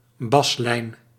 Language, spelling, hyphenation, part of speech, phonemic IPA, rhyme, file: Dutch, baslijn, bas‧lijn, noun, /ˈbɑs.lɛi̯n/, -ɑslɛi̯n, Nl-baslijn.ogg
- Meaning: bassline